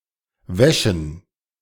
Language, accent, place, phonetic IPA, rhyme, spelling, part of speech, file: German, Germany, Berlin, [ˈvɛʃn̩], -ɛʃn̩, Wäschen, noun, De-Wäschen.ogg
- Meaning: plural of Wäsche